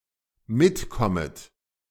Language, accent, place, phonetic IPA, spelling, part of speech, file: German, Germany, Berlin, [ˈmɪtˌkɔmət], mitkommet, verb, De-mitkommet.ogg
- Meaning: second-person plural dependent subjunctive I of mitkommen